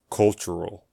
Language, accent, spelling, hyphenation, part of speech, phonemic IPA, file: English, US, cultural, cul‧tur‧al, adjective, /ˈkʌl.tʃ(ə.)ɹəl/, En-us-cultural.ogg
- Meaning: 1. Pertaining to culture 2. Due to human activity